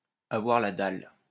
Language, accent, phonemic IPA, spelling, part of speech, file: French, France, /a.vwaʁ la dal/, avoir la dalle, verb, LL-Q150 (fra)-avoir la dalle.wav
- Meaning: to be hungry, to feel like eating